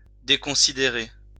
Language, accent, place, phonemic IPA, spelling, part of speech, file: French, France, Lyon, /de.kɔ̃.si.de.ʁe/, déconsidérer, verb, LL-Q150 (fra)-déconsidérer.wav
- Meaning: to discredit